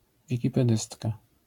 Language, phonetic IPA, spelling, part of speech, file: Polish, [ˌvʲicipɛˈdɨstka], wikipedystka, noun, LL-Q809 (pol)-wikipedystka.wav